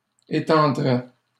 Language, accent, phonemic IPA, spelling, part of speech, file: French, Canada, /e.tɑ̃.dʁɛ/, étendrait, verb, LL-Q150 (fra)-étendrait.wav
- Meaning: third-person singular conditional of étendre